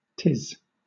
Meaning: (contraction) Alternative form of 'tis; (noun) plural of ti
- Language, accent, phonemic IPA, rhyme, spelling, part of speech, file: English, Southern England, /tɪz/, -ɪz, tis, contraction / noun, LL-Q1860 (eng)-tis.wav